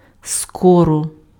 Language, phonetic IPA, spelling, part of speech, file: Ukrainian, [ˈskɔrɔ], скоро, adverb, Uk-скоро.ogg
- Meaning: 1. soon, before long 2. as, as soon as 3. if, in case